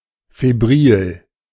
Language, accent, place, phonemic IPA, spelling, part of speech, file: German, Germany, Berlin, /feˈbʁiːl/, febril, adjective, De-febril.ogg
- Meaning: febrile